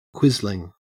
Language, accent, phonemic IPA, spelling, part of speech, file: English, Australia, /ˈkwɪz.lɪŋ/, quisling, noun / verb, En-au-quisling.ogg
- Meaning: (noun) A traitor who collaborates with the enemy; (verb) present participle and gerund of quisle